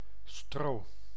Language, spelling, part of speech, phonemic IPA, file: Dutch, stro, noun, /stro/, Nl-stro.ogg
- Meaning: straw